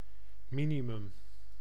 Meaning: minimum
- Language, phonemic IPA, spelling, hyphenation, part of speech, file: Dutch, /ˈmi.niˌmʏm/, minimum, mi‧ni‧mum, noun, Nl-minimum.ogg